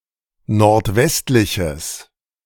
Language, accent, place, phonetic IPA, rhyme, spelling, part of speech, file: German, Germany, Berlin, [nɔʁtˈvɛstlɪçəs], -ɛstlɪçəs, nordwestliches, adjective, De-nordwestliches.ogg
- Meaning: strong/mixed nominative/accusative neuter singular of nordwestlich